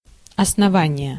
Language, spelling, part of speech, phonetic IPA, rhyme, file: Russian, основание, noun, [ɐsnɐˈvanʲɪje], -anʲɪje, Ru-основание.ogg
- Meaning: 1. base, foundation, pedestal 2. foundation, establishment 3. grounds, reason, argument 4. base 5. base of degree or logarithm